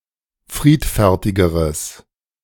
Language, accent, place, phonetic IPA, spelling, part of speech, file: German, Germany, Berlin, [ˈfʁiːtfɛʁtɪɡəʁəs], friedfertigeres, adjective, De-friedfertigeres.ogg
- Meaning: strong/mixed nominative/accusative neuter singular comparative degree of friedfertig